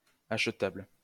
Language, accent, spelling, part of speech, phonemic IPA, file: French, France, achetable, adjective, /aʃ.tabl/, LL-Q150 (fra)-achetable.wav
- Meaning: buyable